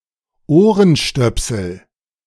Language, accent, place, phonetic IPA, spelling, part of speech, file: German, Germany, Berlin, [ˈoːʁənˌʃtœpsl̩], Ohrenstöpsel, noun, De-Ohrenstöpsel.ogg
- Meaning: earplug